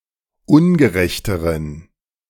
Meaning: inflection of ungerecht: 1. strong genitive masculine/neuter singular comparative degree 2. weak/mixed genitive/dative all-gender singular comparative degree
- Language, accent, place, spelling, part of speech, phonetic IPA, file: German, Germany, Berlin, ungerechteren, adjective, [ˈʊnɡəˌʁɛçtəʁən], De-ungerechteren.ogg